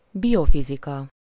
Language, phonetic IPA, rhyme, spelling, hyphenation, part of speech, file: Hungarian, [ˈbijofizikɒ], -kɒ, biofizika, bio‧fi‧zi‧ka, noun, Hu-biofizika.ogg
- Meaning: biophysics